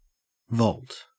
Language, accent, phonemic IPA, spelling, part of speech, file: English, Australia, /vɔlt/, vault, noun / verb, En-au-vault.ogg
- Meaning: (noun) 1. An arched masonry structure supporting and forming a ceiling, whether freestanding or forming part of a larger building 2. Any arched ceiling or roof